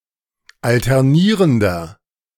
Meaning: inflection of alternierend: 1. strong/mixed nominative masculine singular 2. strong genitive/dative feminine singular 3. strong genitive plural
- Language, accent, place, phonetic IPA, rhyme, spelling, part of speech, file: German, Germany, Berlin, [ˌaltɛʁˈniːʁəndɐ], -iːʁəndɐ, alternierender, adjective, De-alternierender.ogg